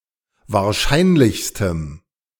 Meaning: strong dative masculine/neuter singular superlative degree of wahrscheinlich
- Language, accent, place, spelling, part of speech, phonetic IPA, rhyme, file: German, Germany, Berlin, wahrscheinlichstem, adjective, [vaːɐ̯ˈʃaɪ̯nlɪçstəm], -aɪ̯nlɪçstəm, De-wahrscheinlichstem.ogg